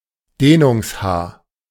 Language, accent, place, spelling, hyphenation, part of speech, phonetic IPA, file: German, Germany, Berlin, Dehnungs-h, Deh‧nungs-h, noun, [ˈdeːnʊŋsˌhaː], De-Dehnungs-h.ogg
- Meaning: letter h that indicates the previous vowel is pronounced long